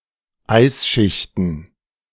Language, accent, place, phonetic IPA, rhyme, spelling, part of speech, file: German, Germany, Berlin, [ˈaɪ̯sˌʃɪçtn̩], -aɪ̯sʃɪçtn̩, Eisschichten, noun, De-Eisschichten.ogg
- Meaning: plural of Eisschicht